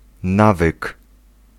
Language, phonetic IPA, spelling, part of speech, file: Polish, [ˈnavɨk], nawyk, noun, Pl-nawyk.ogg